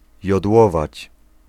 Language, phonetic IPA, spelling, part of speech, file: Polish, [jɔdˈwɔvat͡ɕ], jodłować, verb, Pl-jodłować.ogg